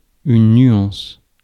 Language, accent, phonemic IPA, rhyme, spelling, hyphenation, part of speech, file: French, France, /nɥɑ̃s/, -ɑ̃s, nuance, nu‧ance, noun, Fr-nuance.ogg
- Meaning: 1. gradation of colors 2. dynamics